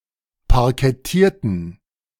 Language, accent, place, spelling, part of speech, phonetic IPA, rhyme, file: German, Germany, Berlin, parkettierten, adjective / verb, [paʁkɛˈtiːɐ̯tn̩], -iːɐ̯tn̩, De-parkettierten.ogg
- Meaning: inflection of parkettieren: 1. first/third-person plural preterite 2. first/third-person plural subjunctive II